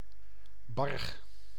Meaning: barrow, castrated boar
- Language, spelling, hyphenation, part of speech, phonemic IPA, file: Dutch, barg, barg, noun, /bɑrx/, Nl-barg.ogg